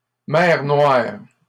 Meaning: the Black Sea
- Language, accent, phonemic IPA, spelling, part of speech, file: French, Canada, /mɛʁ nwaʁ/, mer Noire, proper noun, LL-Q150 (fra)-mer Noire.wav